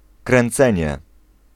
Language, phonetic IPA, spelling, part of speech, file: Polish, [krɛ̃nˈt͡sɛ̃ɲɛ], kręcenie, noun, Pl-kręcenie.ogg